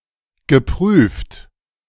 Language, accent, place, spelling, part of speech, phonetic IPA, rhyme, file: German, Germany, Berlin, geprüft, adjective / verb, [ɡəˈpʁyːft], -yːft, De-geprüft.ogg
- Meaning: past participle of prüfen; verified, checked, proved